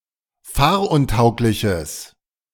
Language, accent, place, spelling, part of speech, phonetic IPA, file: German, Germany, Berlin, fahruntaugliches, adjective, [ˈfaːɐ̯ʔʊnˌtaʊ̯klɪçəs], De-fahruntaugliches.ogg
- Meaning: strong/mixed nominative/accusative neuter singular of fahruntauglich